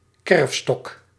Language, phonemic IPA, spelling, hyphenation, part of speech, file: Dutch, /ˈkɛrf.stɔk/, kerfstok, kerf‧stok, noun, Nl-kerfstok.ogg
- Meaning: a tally stick